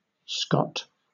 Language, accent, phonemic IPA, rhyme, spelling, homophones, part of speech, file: English, Southern England, /skɒt/, -ɒt, Scott, scot / Scot, proper noun / noun / interjection, LL-Q1860 (eng)-Scott.wav
- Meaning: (proper noun) 1. An English ethnic surname transferred from the nickname for someone with Scottish ancestry 2. A male given name transferred from the surname